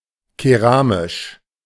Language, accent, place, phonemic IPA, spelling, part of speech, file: German, Germany, Berlin, /keˈʁaːmɪʃ/, keramisch, adjective, De-keramisch.ogg
- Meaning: ceramic, pottery